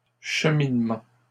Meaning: plural of cheminement
- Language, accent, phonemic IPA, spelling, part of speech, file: French, Canada, /ʃə.min.mɑ̃/, cheminements, noun, LL-Q150 (fra)-cheminements.wav